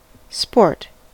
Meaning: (noun) 1. Any activity that uses physical exertion or skills competitively under a set of rules that is not based on aesthetics 2. A person who exhibits either good or bad sportsmanship
- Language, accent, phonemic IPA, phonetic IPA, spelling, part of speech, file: English, US, /spoɹt/, [spoɹʔ], sport, noun / verb, En-us-sport.ogg